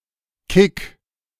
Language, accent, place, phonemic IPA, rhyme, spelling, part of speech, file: German, Germany, Berlin, /kɪk/, -ɪk, Kick, noun, De-Kick.ogg
- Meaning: 1. thrill; kick 2. a kick, a strike with the foot, chiefly in the context of martial arts